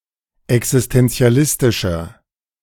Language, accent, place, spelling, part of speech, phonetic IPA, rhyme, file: German, Germany, Berlin, existentialistischer, adjective, [ɛksɪstɛnt͡si̯aˈlɪstɪʃɐ], -ɪstɪʃɐ, De-existentialistischer.ogg
- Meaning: inflection of existentialistisch: 1. strong/mixed nominative masculine singular 2. strong genitive/dative feminine singular 3. strong genitive plural